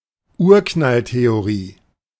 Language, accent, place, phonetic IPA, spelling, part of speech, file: German, Germany, Berlin, [ˈuːɐ̯knalteoˌʁiː], Urknalltheorie, noun, De-Urknalltheorie.ogg
- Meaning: Big Bang theory